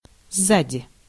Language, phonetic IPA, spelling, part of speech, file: Russian, [ˈzːadʲɪ], сзади, adverb / preposition, Ru-сзади.ogg
- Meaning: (adverb) behind